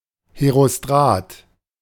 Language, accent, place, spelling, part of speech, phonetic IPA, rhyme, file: German, Germany, Berlin, Herostrat, noun, [heʁoˈstʁaːt], -aːt, De-Herostrat.ogg
- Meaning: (proper noun) Herostratus; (noun) Someone who commits a crime in order to achieve herostratic fame